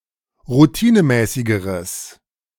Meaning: strong/mixed nominative/accusative neuter singular comparative degree of routinemäßig
- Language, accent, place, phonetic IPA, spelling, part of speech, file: German, Germany, Berlin, [ʁuˈtiːnəˌmɛːsɪɡəʁəs], routinemäßigeres, adjective, De-routinemäßigeres.ogg